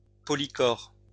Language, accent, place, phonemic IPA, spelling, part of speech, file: French, France, Lyon, /pɔ.li.kɔʁ/, polychores, noun, LL-Q150 (fra)-polychores.wav
- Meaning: plural of polychore